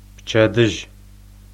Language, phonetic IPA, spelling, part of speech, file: Adyghe, [pt͡ʃadəʑə], пчэдыжьы, noun, Пчэдыжь.ogg
- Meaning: morning